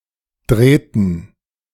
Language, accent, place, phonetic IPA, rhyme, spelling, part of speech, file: German, Germany, Berlin, [ˈdʁeːtn̩], -eːtn̩, drehten, verb, De-drehten.ogg
- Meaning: inflection of drehen: 1. first/third-person plural preterite 2. first/third-person plural subjunctive II